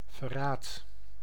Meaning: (noun) betrayal, treason; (verb) inflection of verraden: 1. first-person singular present indicative 2. second-person singular present indicative 3. imperative
- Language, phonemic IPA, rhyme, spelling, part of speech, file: Dutch, /vəˈraːt/, -aːt, verraad, noun / verb, Nl-verraad.ogg